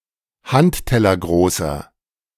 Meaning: inflection of handtellergroß: 1. strong/mixed nominative masculine singular 2. strong genitive/dative feminine singular 3. strong genitive plural
- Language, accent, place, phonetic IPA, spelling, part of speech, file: German, Germany, Berlin, [ˈhanttɛlɐˌɡʁoːsɐ], handtellergroßer, adjective, De-handtellergroßer.ogg